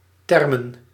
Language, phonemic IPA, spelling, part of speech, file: Dutch, /ˈtɛr.mə(n)/, termen, noun, Nl-termen.ogg
- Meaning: plural of term